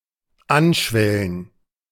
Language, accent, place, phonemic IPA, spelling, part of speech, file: German, Germany, Berlin, /ˈanˌʃvɛlən/, anschwellen, verb, De-anschwellen.ogg
- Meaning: to swell, rise or bulge